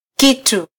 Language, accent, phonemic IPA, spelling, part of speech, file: Swahili, Kenya, /ˈki.tu/, kitu, noun, Sw-ke-kitu.flac
- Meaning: thing (a separate entity)